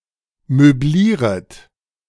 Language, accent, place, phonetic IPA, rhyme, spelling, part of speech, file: German, Germany, Berlin, [møˈbliːʁət], -iːʁət, möblieret, verb, De-möblieret.ogg
- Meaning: second-person plural subjunctive I of möblieren